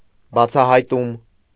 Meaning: revelation, finding, discovery
- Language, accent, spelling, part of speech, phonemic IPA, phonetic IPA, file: Armenian, Eastern Armenian, բացահայտում, noun, /bɑt͡sʰɑhɑjˈtum/, [bɑt͡sʰɑhɑjtúm], Hy-բացահայտում.ogg